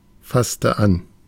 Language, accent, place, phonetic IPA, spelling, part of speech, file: German, Germany, Berlin, [ˌfastə ˈan], fasste an, verb, De-fasste an.ogg
- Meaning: inflection of anfassen: 1. first/third-person singular preterite 2. first/third-person singular subjunctive II